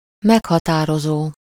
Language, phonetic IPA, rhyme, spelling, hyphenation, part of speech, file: Hungarian, [ˈmɛkhɒtaːrozoː], -zoː, meghatározó, meg‧ha‧tá‧ro‧zó, verb / adjective, Hu-meghatározó.ogg
- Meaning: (verb) present participle of meghatároz; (adjective) identifying, determining, defining